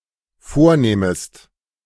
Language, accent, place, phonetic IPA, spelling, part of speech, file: German, Germany, Berlin, [ˈfoːɐ̯ˌneːməst], vornehmest, verb, De-vornehmest.ogg
- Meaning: second-person singular dependent subjunctive I of vornehmen